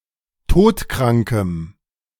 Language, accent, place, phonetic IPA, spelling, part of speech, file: German, Germany, Berlin, [ˈtoːtˌkʁaŋkəm], todkrankem, adjective, De-todkrankem.ogg
- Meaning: strong dative masculine/neuter singular of todkrank